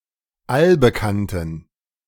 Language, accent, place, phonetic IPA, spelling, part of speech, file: German, Germany, Berlin, [ˈalbəˌkantn̩], allbekannten, adjective, De-allbekannten.ogg
- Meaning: inflection of allbekannt: 1. strong genitive masculine/neuter singular 2. weak/mixed genitive/dative all-gender singular 3. strong/weak/mixed accusative masculine singular 4. strong dative plural